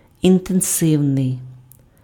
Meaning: 1. intensive 2. intense
- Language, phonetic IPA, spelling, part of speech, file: Ukrainian, [intenˈsɪu̯nei̯], інтенсивний, adjective, Uk-інтенсивний.ogg